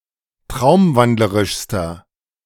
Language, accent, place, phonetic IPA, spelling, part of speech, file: German, Germany, Berlin, [ˈtʁaʊ̯mˌvandləʁɪʃstɐ], traumwandlerischster, adjective, De-traumwandlerischster.ogg
- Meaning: inflection of traumwandlerisch: 1. strong/mixed nominative masculine singular superlative degree 2. strong genitive/dative feminine singular superlative degree